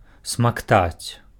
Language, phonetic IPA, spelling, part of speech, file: Belarusian, [smakˈtat͡sʲ], смактаць, verb, Be-смактаць.ogg
- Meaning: to suck